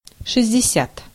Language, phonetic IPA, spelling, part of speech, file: Russian, [ʂɨzʲ(dʲ)dʲɪˈsʲat], шестьдесят, numeral, Ru-шестьдесят.ogg
- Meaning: sixty (60)